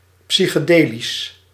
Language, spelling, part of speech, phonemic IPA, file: Dutch, psychedelisch, adjective, /ˌpsɪxeˈdelɪs/, Nl-psychedelisch.ogg
- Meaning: psychedelic